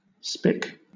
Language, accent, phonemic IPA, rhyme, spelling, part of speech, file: English, Southern England, /spɪk/, -ɪk, spick, noun / adjective / verb, LL-Q1860 (eng)-spick.wav
- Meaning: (noun) 1. Alternative spelling of spic 2. A nail, a spike (slender piece of wood or metal, used as a fastener); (adjective) Tidy; fresh; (verb) Pronunciation spelling of speak